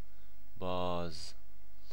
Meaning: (adjective) 1. open, open wide 2. thawed 3. untied, unraveled, unfolded; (adverb) 1. again, re- 2. still, yet (especially with هم (ham) as باز هم (bâz ham)) 3. then; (noun) 1. hawk 2. falcon
- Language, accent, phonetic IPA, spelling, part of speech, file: Persian, Iran, [bɒːz], باز, adjective / adverb / noun / verb, Fa-باز.ogg